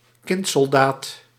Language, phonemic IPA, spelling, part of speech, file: Dutch, /ˌkɪntsɔlˈdaːt/, kindsoldaat, noun, Nl-kindsoldaat.ogg
- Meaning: child soldier